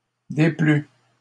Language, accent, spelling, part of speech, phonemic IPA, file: French, Canada, déplut, verb, /de.ply/, LL-Q150 (fra)-déplut.wav
- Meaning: third-person singular past historic of déplaire